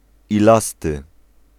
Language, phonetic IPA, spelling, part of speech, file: Polish, [iˈlastɨ], ilasty, adjective, Pl-ilasty.ogg